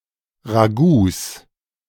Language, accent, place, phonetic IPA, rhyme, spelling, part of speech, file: German, Germany, Berlin, [ʁaˈɡuːs], -uːs, Ragouts, noun, De-Ragouts.ogg
- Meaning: 1. genitive singular of Ragout 2. plural of Ragout